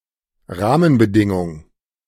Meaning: 1. basic condition 2. boundary condition
- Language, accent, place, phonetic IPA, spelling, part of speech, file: German, Germany, Berlin, [ˈʁaːmənbəˌdɪŋʊŋ], Rahmenbedingung, noun, De-Rahmenbedingung.ogg